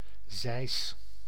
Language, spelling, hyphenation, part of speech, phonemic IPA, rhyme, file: Dutch, zeis, zeis, noun / verb, /zɛi̯s/, -ɛi̯s, Nl-zeis.ogg
- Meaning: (noun) scythe; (verb) inflection of zeisen: 1. first-person singular present indicative 2. second-person singular present indicative 3. imperative